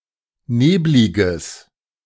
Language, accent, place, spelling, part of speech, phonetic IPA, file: German, Germany, Berlin, nebliges, adjective, [ˈneːblɪɡəs], De-nebliges.ogg
- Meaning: strong/mixed nominative/accusative neuter singular of neblig